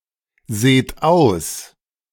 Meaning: inflection of aussehen: 1. second-person plural present 2. plural imperative
- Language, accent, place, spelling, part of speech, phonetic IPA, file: German, Germany, Berlin, seht aus, verb, [ˌz̥eːt ˈaʊ̯s], De-seht aus.ogg